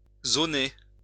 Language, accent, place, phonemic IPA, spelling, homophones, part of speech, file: French, France, Lyon, /zo.ne/, zoner, zonai / zoné / zonée / zonées / zonés / zonez, verb, LL-Q150 (fra)-zoner.wav
- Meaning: 1. to wander around, wander about 2. to sleep 3. to go to sleep, hit the hay